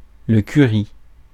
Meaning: curry
- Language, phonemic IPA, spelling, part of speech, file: French, /ky.ʁi/, curry, noun, Fr-curry.ogg